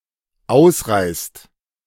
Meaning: inflection of ausreißen: 1. second/third-person singular dependent present 2. second-person plural dependent present
- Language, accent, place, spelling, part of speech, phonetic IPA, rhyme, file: German, Germany, Berlin, ausreißt, verb, [ˈaʊ̯sˌʁaɪ̯st], -aʊ̯sʁaɪ̯st, De-ausreißt.ogg